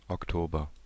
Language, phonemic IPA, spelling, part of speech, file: German, /ɔkˈtoːbɐ/, Oktober, noun, De-Oktober.ogg
- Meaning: October (the tenth month of the Gregorian calendar, following September and preceding November)